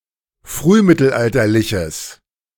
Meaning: strong/mixed nominative/accusative neuter singular of frühmittelalterlich
- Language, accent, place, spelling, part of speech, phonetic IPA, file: German, Germany, Berlin, frühmittelalterliches, adjective, [ˈfʁyːˌmɪtl̩ʔaltɐlɪçəs], De-frühmittelalterliches.ogg